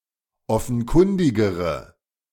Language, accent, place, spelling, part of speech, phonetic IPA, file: German, Germany, Berlin, offenkundigere, adjective, [ˈɔfn̩ˌkʊndɪɡəʁə], De-offenkundigere.ogg
- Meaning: inflection of offenkundig: 1. strong/mixed nominative/accusative feminine singular comparative degree 2. strong nominative/accusative plural comparative degree